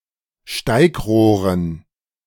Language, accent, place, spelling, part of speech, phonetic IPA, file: German, Germany, Berlin, Steigrohren, noun, [ˈʃtaɪ̯kˌʁoːʁən], De-Steigrohren.ogg
- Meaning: dative plural of Steigrohr